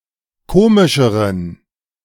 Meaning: inflection of komisch: 1. strong genitive masculine/neuter singular comparative degree 2. weak/mixed genitive/dative all-gender singular comparative degree
- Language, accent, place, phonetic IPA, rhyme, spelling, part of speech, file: German, Germany, Berlin, [ˈkoːmɪʃəʁən], -oːmɪʃəʁən, komischeren, adjective, De-komischeren.ogg